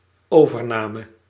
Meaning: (noun) takeover; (verb) singular dependent-clause past subjunctive of overnemen
- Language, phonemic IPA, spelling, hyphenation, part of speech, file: Dutch, /ˈoː.vərˌnaː.mə/, overname, over‧na‧me, noun / verb, Nl-overname.ogg